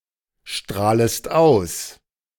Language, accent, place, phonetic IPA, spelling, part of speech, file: German, Germany, Berlin, [ˌʃtʁaːləst ˈaʊ̯s], strahlest aus, verb, De-strahlest aus.ogg
- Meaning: second-person singular subjunctive I of ausstrahlen